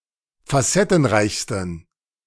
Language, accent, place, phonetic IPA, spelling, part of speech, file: German, Germany, Berlin, [faˈsɛtn̩ˌʁaɪ̯çstn̩], facettenreichsten, adjective, De-facettenreichsten.ogg
- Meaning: 1. superlative degree of facettenreich 2. inflection of facettenreich: strong genitive masculine/neuter singular superlative degree